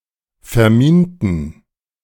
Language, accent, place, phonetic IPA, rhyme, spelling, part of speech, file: German, Germany, Berlin, [fɛɐ̯ˈmiːntn̩], -iːntn̩, verminten, adjective / verb, De-verminten.ogg
- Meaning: inflection of verminen: 1. first/third-person plural preterite 2. first/third-person plural subjunctive II